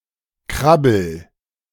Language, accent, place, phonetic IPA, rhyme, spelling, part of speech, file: German, Germany, Berlin, [ˈkʁabl̩], -abl̩, krabbel, verb, De-krabbel.ogg
- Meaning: inflection of krabbeln: 1. first-person singular present 2. singular imperative